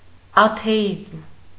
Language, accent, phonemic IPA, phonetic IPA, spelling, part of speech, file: Armenian, Eastern Armenian, /ɑtʰeˈjizm/, [ɑtʰejízm], աթեիզմ, noun, Hy-աթեիզմ.ogg
- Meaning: atheism